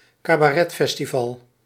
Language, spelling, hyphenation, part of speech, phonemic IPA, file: Dutch, cabaretfestival, ca‧ba‧ret‧fes‧ti‧val, noun, /kaː.baːˈrɛ(t)ˌfɛs.ti.vɑl/, Nl-cabaretfestival.ogg
- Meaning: cabaret festival